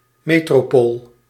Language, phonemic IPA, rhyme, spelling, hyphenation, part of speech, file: Dutch, /ˌmeː.troːˈpoːl/, -oːl, metropool, me‧tro‧pool, noun, Nl-metropool.ogg
- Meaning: metropolis, metropole